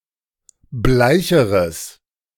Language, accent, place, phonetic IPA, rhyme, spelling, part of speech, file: German, Germany, Berlin, [ˈblaɪ̯çəʁəs], -aɪ̯çəʁəs, bleicheres, adjective, De-bleicheres.ogg
- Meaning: strong/mixed nominative/accusative neuter singular comparative degree of bleich